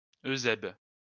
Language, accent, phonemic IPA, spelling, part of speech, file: French, France, /ø.zɛb/, Eusèbe, proper noun, LL-Q150 (fra)-Eusèbe.wav
- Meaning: a male given name